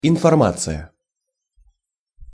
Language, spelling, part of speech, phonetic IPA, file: Russian, информация, noun, [ɪnfɐrˈmat͡sɨjə], Ru-информация.ogg
- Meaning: information